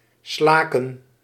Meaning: to utter (a sound, word or cry), especially a sigh; to heave; to fetch
- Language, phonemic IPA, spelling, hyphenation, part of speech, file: Dutch, /ˈslaː.kə(n)/, slaken, sla‧ken, verb, Nl-slaken.ogg